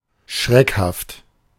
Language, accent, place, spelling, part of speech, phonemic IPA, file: German, Germany, Berlin, schreckhaft, adjective, /ˈʃʁɛkhaft/, De-schreckhaft.ogg
- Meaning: jumpy